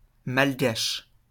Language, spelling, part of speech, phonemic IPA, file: French, malgache, noun / adjective, /mal.ɡaʃ/, LL-Q150 (fra)-malgache.wav
- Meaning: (noun) Malagasy, the Malagasy language; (adjective) of Madagascar; Malagasy